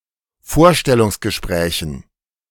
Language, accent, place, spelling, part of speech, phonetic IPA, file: German, Germany, Berlin, Vorstellungsgesprächen, noun, [ˈfoːɐ̯ʃtɛlʊŋsɡəˌʃpʁɛːçn̩], De-Vorstellungsgesprächen.ogg
- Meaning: dative plural of Vorstellungsgespräch